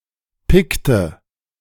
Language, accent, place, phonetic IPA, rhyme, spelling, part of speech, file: German, Germany, Berlin, [ˈpɪktə], -ɪktə, pickte, verb, De-pickte.ogg
- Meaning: inflection of picken: 1. first/third-person singular preterite 2. first/third-person singular subjunctive II